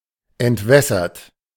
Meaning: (verb) past participle of entwässern; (adjective) dewatered, dehydrated
- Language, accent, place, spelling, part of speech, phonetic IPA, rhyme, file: German, Germany, Berlin, entwässert, verb, [ɛntˈvɛsɐt], -ɛsɐt, De-entwässert.ogg